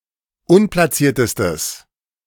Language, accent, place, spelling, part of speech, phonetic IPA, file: German, Germany, Berlin, unplatziertestes, adjective, [ˈʊnplaˌt͡siːɐ̯təstəs], De-unplatziertestes.ogg
- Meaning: strong/mixed nominative/accusative neuter singular superlative degree of unplatziert